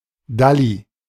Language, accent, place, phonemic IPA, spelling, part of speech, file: German, Germany, Berlin, /ˈdali/, dalli, adverb, De-dalli.ogg
- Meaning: quickly; with hurry